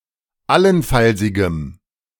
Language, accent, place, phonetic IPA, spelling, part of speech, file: German, Germany, Berlin, [ˈalənˌfalzɪɡəm], allenfallsigem, adjective, De-allenfallsigem.ogg
- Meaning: strong dative masculine/neuter singular of allenfallsig